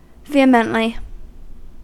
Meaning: In a vehement manner; expressing with a strong or forceful attitude
- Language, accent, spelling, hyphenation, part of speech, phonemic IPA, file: English, US, vehemently, ve‧he‧ment‧ly, adverb, /ˈviː.ə.məntli/, En-us-vehemently.ogg